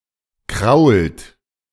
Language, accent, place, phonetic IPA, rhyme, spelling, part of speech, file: German, Germany, Berlin, [kʁaʊ̯lt], -aʊ̯lt, krault, verb, De-krault.ogg
- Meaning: inflection of kraulen: 1. second-person plural present 2. third-person singular present 3. plural imperative